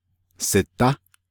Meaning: he/she is sitting, is at home, is waiting
- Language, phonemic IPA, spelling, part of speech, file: Navajo, /sɪ̀tɑ́/, sidá, verb, Nv-sidá.ogg